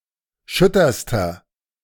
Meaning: inflection of schütter: 1. strong/mixed nominative masculine singular superlative degree 2. strong genitive/dative feminine singular superlative degree 3. strong genitive plural superlative degree
- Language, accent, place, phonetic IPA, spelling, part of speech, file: German, Germany, Berlin, [ˈʃʏtɐstɐ], schütterster, adjective, De-schütterster.ogg